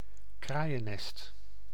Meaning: crow's nest (a small open-top shelter atop the foremast for a lookout)
- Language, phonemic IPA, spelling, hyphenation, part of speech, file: Dutch, /ˈkraːjəˌnɛst/, kraaiennest, kraai‧en‧nest, noun, Nl-kraaiennest.ogg